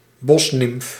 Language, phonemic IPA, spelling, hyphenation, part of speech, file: Dutch, /ˈbɔs.nɪmf/, bosnimf, bos‧nimf, noun, Nl-bosnimf.ogg
- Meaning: a wood nymph, a dryad